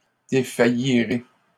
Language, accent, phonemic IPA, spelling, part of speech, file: French, Canada, /de.fa.ji.ʁe/, défaillirai, verb, LL-Q150 (fra)-défaillirai.wav
- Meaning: first-person singular simple future of défaillir